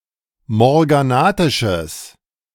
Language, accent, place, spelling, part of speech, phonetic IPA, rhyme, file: German, Germany, Berlin, morganatisches, adjective, [mɔʁɡaˈnaːtɪʃəs], -aːtɪʃəs, De-morganatisches.ogg
- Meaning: strong/mixed nominative/accusative neuter singular of morganatisch